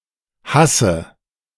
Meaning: synonym of Burenwurst
- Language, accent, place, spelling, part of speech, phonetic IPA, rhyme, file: German, Germany, Berlin, Hasse, noun, [ˈhasə], -asə, De-Hasse.ogg